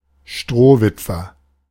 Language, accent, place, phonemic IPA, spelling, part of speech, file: German, Germany, Berlin, /ˈʃtʁoːvɪtvɐ/, Strohwitwer, noun, De-Strohwitwer.ogg
- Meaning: grass widower